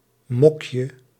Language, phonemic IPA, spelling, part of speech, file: Dutch, /ˈmɔkjə/, mokje, noun, Nl-mokje.ogg
- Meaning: diminutive of mok